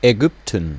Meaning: 1. Egypt (a country in North Africa and West Asia) 2. Egypt (a civilization based around the river Nile, on its lower reaches nearer the Mediterranean)
- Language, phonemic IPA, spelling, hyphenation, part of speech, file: German, /ɛˈɡʏptn̩/, Ägypten, Ägyp‧ten, proper noun, De-Ägypten.ogg